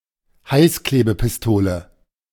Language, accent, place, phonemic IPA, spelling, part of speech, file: German, Germany, Berlin, /ˈhaɪ̯sˌkleːbəpɪsˌtoːlə/, Heißklebepistole, noun, De-Heißklebepistole.ogg
- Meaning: hot glue gun